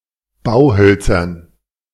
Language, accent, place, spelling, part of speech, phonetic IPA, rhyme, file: German, Germany, Berlin, Bauhölzern, noun, [ˈbaʊ̯ˌhœlt͡sɐn], -aʊ̯hœlt͡sɐn, De-Bauhölzern.ogg
- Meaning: dative plural of Bauholz